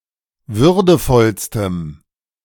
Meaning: strong dative masculine/neuter singular superlative degree of würdevoll
- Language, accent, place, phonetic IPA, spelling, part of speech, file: German, Germany, Berlin, [ˈvʏʁdəfɔlstəm], würdevollstem, adjective, De-würdevollstem.ogg